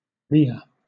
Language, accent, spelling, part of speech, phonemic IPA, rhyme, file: English, Southern England, Leah, proper noun, /ˈliːə/, -iːə, LL-Q1860 (eng)-Leah.wav
- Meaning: 1. The elder daughter of Laban, sister to Rachel, and first wife of Jacob 2. A female given name from Hebrew 3. A surname